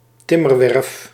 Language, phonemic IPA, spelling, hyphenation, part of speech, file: Dutch, /ˈtɪ.mərˌʋɛrf/, timmerwerf, tim‧mer‧werf, noun, Nl-timmerwerf.ogg
- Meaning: a construction yard where the primary construction material is wood; esp. in relation to ship building